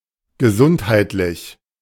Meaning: 1. health 2. sanitary, hygienic
- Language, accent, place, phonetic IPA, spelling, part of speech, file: German, Germany, Berlin, [ɡəˈzʊnthaɪ̯tlɪç], gesundheitlich, adjective, De-gesundheitlich.ogg